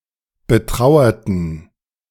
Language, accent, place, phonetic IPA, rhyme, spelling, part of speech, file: German, Germany, Berlin, [bəˈtʁaʊ̯ɐtn̩], -aʊ̯ɐtn̩, betrauerten, adjective / verb, De-betrauerten.ogg
- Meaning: inflection of betrauern: 1. first/third-person plural preterite 2. first/third-person plural subjunctive II